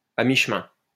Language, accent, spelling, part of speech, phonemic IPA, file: French, France, à mi-chemin, adverb, /a mi.ʃ(ə).mɛ̃/, LL-Q150 (fra)-à mi-chemin.wav
- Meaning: 1. halfway, midway (half way to a place, or between two place) 2. between